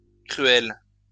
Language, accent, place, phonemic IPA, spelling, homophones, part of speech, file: French, France, Lyon, /kʁy.ɛl/, cruelle, cruel / cruels / cruelles, adjective, LL-Q150 (fra)-cruelle.wav
- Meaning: feminine singular of cruel